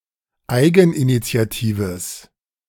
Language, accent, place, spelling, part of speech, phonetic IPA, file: German, Germany, Berlin, eigeninitiatives, adjective, [ˈaɪ̯ɡn̩ʔinit͡si̯aˌtiːvəs], De-eigeninitiatives.ogg
- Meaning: strong/mixed nominative/accusative neuter singular of eigeninitiativ